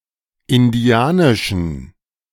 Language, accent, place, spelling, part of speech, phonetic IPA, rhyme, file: German, Germany, Berlin, indianischen, adjective, [ɪnˈdi̯aːnɪʃn̩], -aːnɪʃn̩, De-indianischen.ogg
- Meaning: inflection of indianisch: 1. strong genitive masculine/neuter singular 2. weak/mixed genitive/dative all-gender singular 3. strong/weak/mixed accusative masculine singular 4. strong dative plural